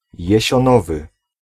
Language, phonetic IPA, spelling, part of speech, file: Polish, [ˌjɛ̇ɕɔ̃ˈnɔvɨ], jesionowy, adjective, Pl-jesionowy.ogg